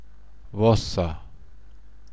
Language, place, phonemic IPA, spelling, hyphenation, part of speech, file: German, Bavaria, /ˈvasər/, Wasser, Was‧ser, noun, BY-Wasser.ogg
- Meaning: 1. water (H₂O) 2. water, waters (body of water, especially a river or lake) 3. alcoholic beverage, similar to brandy, made from fermented fruit 4. urine 5. clipping of Mineralwasser/Tafelwasser